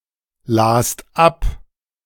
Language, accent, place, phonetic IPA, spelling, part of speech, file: German, Germany, Berlin, [ˌlaːst ˈap], last ab, verb, De-last ab.ogg
- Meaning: second-person singular preterite of ablesen